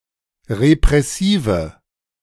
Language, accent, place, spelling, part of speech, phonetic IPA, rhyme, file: German, Germany, Berlin, repressive, adjective, [ʁepʁɛˈsiːvə], -iːvə, De-repressive.ogg
- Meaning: inflection of repressiv: 1. strong/mixed nominative/accusative feminine singular 2. strong nominative/accusative plural 3. weak nominative all-gender singular